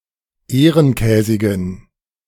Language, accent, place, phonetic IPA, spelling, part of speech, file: German, Germany, Berlin, [ˈeːʁənˌkɛːzɪɡn̩], ehrenkäsigen, adjective, De-ehrenkäsigen.ogg
- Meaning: inflection of ehrenkäsig: 1. strong genitive masculine/neuter singular 2. weak/mixed genitive/dative all-gender singular 3. strong/weak/mixed accusative masculine singular 4. strong dative plural